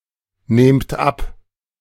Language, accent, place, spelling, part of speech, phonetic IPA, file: German, Germany, Berlin, nehmt ab, verb, [ˌneːmt ˈap], De-nehmt ab.ogg
- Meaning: inflection of abnehmen: 1. second-person plural present 2. plural imperative